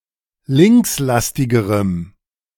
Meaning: strong dative masculine/neuter singular comparative degree of linkslastig
- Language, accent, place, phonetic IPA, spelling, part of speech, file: German, Germany, Berlin, [ˈlɪŋksˌlastɪɡəʁəm], linkslastigerem, adjective, De-linkslastigerem.ogg